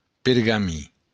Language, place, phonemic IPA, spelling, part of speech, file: Occitan, Béarn, /peɾɡaˈmi/, pergamin, noun, LL-Q14185 (oci)-pergamin.wav
- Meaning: parchment